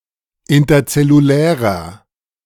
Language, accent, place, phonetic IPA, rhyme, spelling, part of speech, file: German, Germany, Berlin, [ˌɪntɐt͡sɛluˈlɛːʁɐ], -ɛːʁɐ, interzellulärer, adjective, De-interzellulärer.ogg
- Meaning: inflection of interzellulär: 1. strong/mixed nominative masculine singular 2. strong genitive/dative feminine singular 3. strong genitive plural